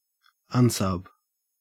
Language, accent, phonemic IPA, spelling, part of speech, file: English, Australia, /ˈʌnsʌb/, unsub, noun, En-au-unsub.ogg
- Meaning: Abbreviation of unknown subject of an investigation..